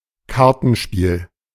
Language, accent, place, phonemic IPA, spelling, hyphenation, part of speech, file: German, Germany, Berlin, /ˈkaʁtn̩ʃpiːl/, Kartenspiel, Kar‧ten‧spiel, noun, De-Kartenspiel.ogg
- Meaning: 1. card game 2. pack (of cards)